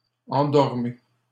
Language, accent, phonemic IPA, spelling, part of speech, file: French, Canada, /ɑ̃.dɔʁ.me/, endormez, verb, LL-Q150 (fra)-endormez.wav
- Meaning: inflection of endormir: 1. second-person plural present indicative 2. second-person plural imperative